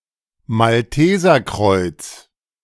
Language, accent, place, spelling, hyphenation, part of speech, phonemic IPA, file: German, Germany, Berlin, Malteserkreuz, Mal‧te‧ser‧kreuz, noun, /malˈteːzɐˌkʁɔɪ̯t͡s/, De-Malteserkreuz.ogg
- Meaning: Maltese cross